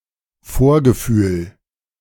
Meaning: presentiment
- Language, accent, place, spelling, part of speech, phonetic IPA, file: German, Germany, Berlin, Vorgefühl, noun, [ˈfoːɐ̯ɡəˌfyːl], De-Vorgefühl.ogg